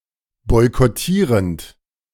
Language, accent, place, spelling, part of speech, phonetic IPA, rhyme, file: German, Germany, Berlin, boykottierend, verb, [ˌbɔɪ̯kɔˈtiːʁənt], -iːʁənt, De-boykottierend.ogg
- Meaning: present participle of boykottieren